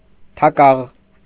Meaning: clapper (for a bell); mallet; beetle
- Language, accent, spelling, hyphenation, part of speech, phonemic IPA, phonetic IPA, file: Armenian, Eastern Armenian, թակաղ, թա‧կաղ, noun, /tʰɑˈkɑʁ/, [tʰɑkɑ́ʁ], Hy-թակաղ.ogg